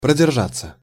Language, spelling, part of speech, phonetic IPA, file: Russian, продержаться, verb, [prədʲɪrˈʐat͡sːə], Ru-продержаться.ogg
- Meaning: 1. to hold out, to stand 2. (food) to keep (fresh) 3. passive of продержа́ть (proderžátʹ)